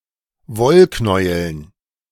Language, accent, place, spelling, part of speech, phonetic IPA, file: German, Germany, Berlin, Wollknäueln, noun, [ˈvɔlˌknɔɪ̯əln], De-Wollknäueln.ogg
- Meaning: dative plural of Wollknäuel